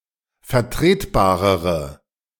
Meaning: inflection of vertretbar: 1. strong/mixed nominative/accusative feminine singular comparative degree 2. strong nominative/accusative plural comparative degree
- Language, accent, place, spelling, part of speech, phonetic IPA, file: German, Germany, Berlin, vertretbarere, adjective, [fɛɐ̯ˈtʁeːtˌbaːʁəʁə], De-vertretbarere.ogg